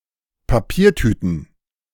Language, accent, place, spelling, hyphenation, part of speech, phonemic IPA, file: German, Germany, Berlin, Papiertüten, Pa‧pier‧tü‧ten, noun, /paˈpiːɐ̯ˌtyːtn̩/, De-Papiertüten.ogg
- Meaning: plural of Papiertüte